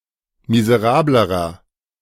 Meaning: inflection of miserabel: 1. strong/mixed nominative masculine singular comparative degree 2. strong genitive/dative feminine singular comparative degree 3. strong genitive plural comparative degree
- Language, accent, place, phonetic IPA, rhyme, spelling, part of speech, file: German, Germany, Berlin, [mizəˈʁaːbləʁɐ], -aːbləʁɐ, miserablerer, adjective, De-miserablerer.ogg